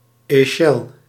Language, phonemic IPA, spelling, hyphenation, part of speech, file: Dutch, /ˈɛ.xəl/, echel, echel, noun, Nl-echel.ogg
- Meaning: leech, in particular one species used in bloodletting, the European medical leech, Hirudo officinalis